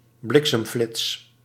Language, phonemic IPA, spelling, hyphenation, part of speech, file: Dutch, /ˈblɪk.səmˌflɪts/, bliksemflits, blik‧sem‧flits, noun, Nl-bliksemflits.ogg
- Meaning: a flash of lightning, a lightning